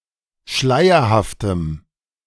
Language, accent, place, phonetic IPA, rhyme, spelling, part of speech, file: German, Germany, Berlin, [ˈʃlaɪ̯ɐhaftəm], -aɪ̯ɐhaftəm, schleierhaftem, adjective, De-schleierhaftem.ogg
- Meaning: strong dative masculine/neuter singular of schleierhaft